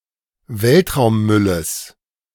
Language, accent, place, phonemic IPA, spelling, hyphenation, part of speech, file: German, Germany, Berlin, /ˈvɛltʁaʊ̯mˌmʏləs/, Weltraummülles, Welt‧raum‧mül‧les, noun, De-Weltraummülles.ogg
- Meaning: genitive singular of Weltraummüll